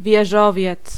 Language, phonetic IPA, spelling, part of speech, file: Polish, [vʲjɛˈʒɔvʲjɛt͡s], wieżowiec, noun, Pl-wieżowiec.ogg